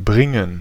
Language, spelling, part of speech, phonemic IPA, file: German, bringen, verb, /ˈbrɪŋən/, De-bringen.ogg
- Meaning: 1. to bring, to fetch, to take, to convey, to bear 2. to bring, to lead, to guide, to accompany